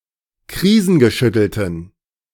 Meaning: inflection of krisengeschüttelt: 1. strong genitive masculine/neuter singular 2. weak/mixed genitive/dative all-gender singular 3. strong/weak/mixed accusative masculine singular
- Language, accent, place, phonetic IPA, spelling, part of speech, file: German, Germany, Berlin, [ˈkʁiːzn̩ɡəˌʃʏtl̩tən], krisengeschüttelten, adjective, De-krisengeschüttelten.ogg